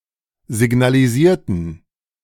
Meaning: inflection of signalisieren: 1. first/third-person plural preterite 2. first/third-person plural subjunctive II
- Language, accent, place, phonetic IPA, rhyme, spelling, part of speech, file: German, Germany, Berlin, [zɪɡnaliˈziːɐ̯tn̩], -iːɐ̯tn̩, signalisierten, adjective / verb, De-signalisierten.ogg